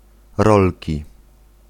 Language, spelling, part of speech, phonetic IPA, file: Polish, rolki, noun, [ˈrɔlʲci], Pl-rolki.ogg